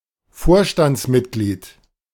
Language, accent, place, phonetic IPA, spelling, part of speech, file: German, Germany, Berlin, [ˈfoːɐ̯ʃtant͡sˌmɪtɡliːt], Vorstandsmitglied, noun, De-Vorstandsmitglied.ogg
- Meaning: board member, director (member of a board of directors)